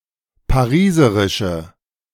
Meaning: inflection of pariserisch: 1. strong/mixed nominative/accusative feminine singular 2. strong nominative/accusative plural 3. weak nominative all-gender singular
- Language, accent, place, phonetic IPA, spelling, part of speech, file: German, Germany, Berlin, [paˈʁiːzəʁɪʃə], pariserische, adjective, De-pariserische.ogg